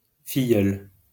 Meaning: goddaughter
- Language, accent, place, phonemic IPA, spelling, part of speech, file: French, France, Lyon, /fi.jœl/, filleule, noun, LL-Q150 (fra)-filleule.wav